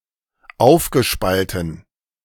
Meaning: past participle of aufspalten
- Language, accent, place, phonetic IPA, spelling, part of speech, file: German, Germany, Berlin, [ˈaʊ̯fɡəˌʃpaltn̩], aufgespalten, verb, De-aufgespalten.ogg